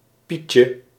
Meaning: diminutive of piet
- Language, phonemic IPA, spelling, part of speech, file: Dutch, /ˈpicə/, pietje, noun, Nl-pietje.ogg